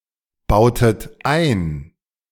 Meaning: inflection of einbauen: 1. second-person plural preterite 2. second-person plural subjunctive II
- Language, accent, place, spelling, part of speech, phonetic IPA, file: German, Germany, Berlin, bautet ein, verb, [ˌbaʊ̯tət ˈaɪ̯n], De-bautet ein.ogg